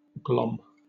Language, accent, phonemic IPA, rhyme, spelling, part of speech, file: English, Southern England, /ɡlɒm/, -ɒm, glom, verb / noun, LL-Q1860 (eng)-glom.wav
- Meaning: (verb) 1. To take 2. To grab hold of, seize; catch, grab or latch onto 3. To clump up, to seize together into a lump or conglomeration 4. Alternative form of glaum (“look, stare”)